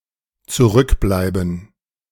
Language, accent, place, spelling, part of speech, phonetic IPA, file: German, Germany, Berlin, zurückbleiben, verb, [tsuˈʁʏkblaɪ̯bə̯n], De-zurückbleiben.ogg
- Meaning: to remain, to stay behind